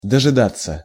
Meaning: to await, to wait (un)till, to (manage to) wait for a long time
- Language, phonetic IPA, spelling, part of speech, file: Russian, [dəʐɨˈdat͡sːə], дожидаться, verb, Ru-дожидаться.ogg